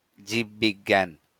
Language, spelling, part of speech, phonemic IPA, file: Bengali, জীববিজ্ঞান, noun, /jib.biɡ.ɡæ̃n/, LL-Q9610 (ben)-জীববিজ্ঞান.wav
- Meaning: biology